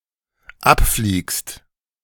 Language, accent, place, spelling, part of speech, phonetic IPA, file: German, Germany, Berlin, abfliegst, verb, [ˈapfliːkst], De-abfliegst.ogg
- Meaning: second-person singular dependent present of abfliegen